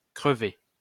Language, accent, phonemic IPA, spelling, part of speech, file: French, France, /kʁə.ve/, crevé, adjective / verb, LL-Q150 (fra)-crevé.wav
- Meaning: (adjective) 1. popped 2. dead 3. knackered, exhausted, wiped out; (verb) past participle of crever